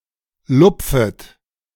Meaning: second-person plural subjunctive I of lupfen
- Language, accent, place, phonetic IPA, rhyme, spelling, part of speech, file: German, Germany, Berlin, [ˈlʊp͡fət], -ʊp͡fət, lupfet, verb, De-lupfet.ogg